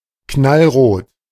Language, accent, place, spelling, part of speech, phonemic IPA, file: German, Germany, Berlin, knallrot, adjective, /ˈknalˌʁoːt/, De-knallrot.ogg
- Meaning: scarlet (intensely red)